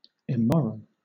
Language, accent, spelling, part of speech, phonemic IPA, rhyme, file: English, Southern England, immoral, adjective, /ɪˈmɒɹəl/, -ɒɹəl, LL-Q1860 (eng)-immoral.wav
- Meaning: Breaching principles of natural law, rectitude, or justice, and so inconsistent with the demands of virtue, purity, or "good morals"; not right, not moral. (Compare unethical, illegal.)